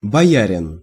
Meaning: boyar
- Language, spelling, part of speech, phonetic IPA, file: Russian, боярин, noun, [bɐˈjærʲɪn], Ru-боярин.ogg